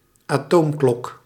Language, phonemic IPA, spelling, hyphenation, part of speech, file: Dutch, /aːˈtoːmˌklɔk/, atoomklok, atoom‧klok, noun, Nl-atoomklok.ogg
- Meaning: atomic clock